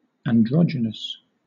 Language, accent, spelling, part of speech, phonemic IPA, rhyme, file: English, Southern England, androgynous, adjective, /ænˈdɹɒd͡ʒ.ɪn.əs/, -ɒdʒɪnəs, LL-Q1860 (eng)-androgynous.wav
- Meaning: 1. Possessing the sex organs of both sexes 2. Pertaining to a feature or characteristic that is not definitively of either sex 3. Possessing qualities of both sexes